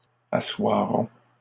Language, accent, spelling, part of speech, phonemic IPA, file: French, Canada, assoiront, verb, /a.swa.ʁɔ̃/, LL-Q150 (fra)-assoiront.wav
- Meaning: third-person plural future of asseoir